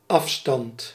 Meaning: 1. distance 2. offset 3. offstand
- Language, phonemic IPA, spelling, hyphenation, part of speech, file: Dutch, /ˈɑf.stɑnt/, afstand, af‧stand, noun, Nl-afstand.ogg